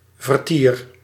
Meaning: 1. entertainment, amusement 2. activity, social intercourse (the presence of many interacting people)
- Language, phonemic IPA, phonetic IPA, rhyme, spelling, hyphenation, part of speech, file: Dutch, /vərˈtir/, [vərˈtiːr], -ir, vertier, ver‧tier, noun, Nl-vertier.ogg